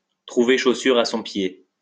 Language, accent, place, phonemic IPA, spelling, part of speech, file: French, France, Lyon, /tʁu.ve ʃo.syʁ a sɔ̃ pje/, trouver chaussure à son pied, verb, LL-Q150 (fra)-trouver chaussure à son pied.wav
- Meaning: to find what one is looking for, to find what one wants, to find the right fit for one, to find one's heart's desire